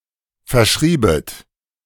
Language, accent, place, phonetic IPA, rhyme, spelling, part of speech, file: German, Germany, Berlin, [fɛɐ̯ˈʃʁiːbət], -iːbət, verschriebet, verb, De-verschriebet.ogg
- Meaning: second-person plural subjunctive II of verschreiben